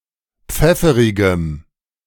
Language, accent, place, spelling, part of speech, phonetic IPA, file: German, Germany, Berlin, pfefferigem, adjective, [ˈp͡fɛfəʁɪɡəm], De-pfefferigem.ogg
- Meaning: strong dative masculine/neuter singular of pfefferig